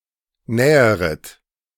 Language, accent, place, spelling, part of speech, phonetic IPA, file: German, Germany, Berlin, näheret, verb, [ˈnɛːəʁət], De-näheret.ogg
- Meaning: second-person plural subjunctive I of nähern